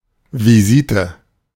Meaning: 1. visit 2. a single act of visiting 3. ward round
- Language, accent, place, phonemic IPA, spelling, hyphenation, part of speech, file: German, Germany, Berlin, /viˈziːtə/, Visite, Vi‧si‧te, noun, De-Visite.ogg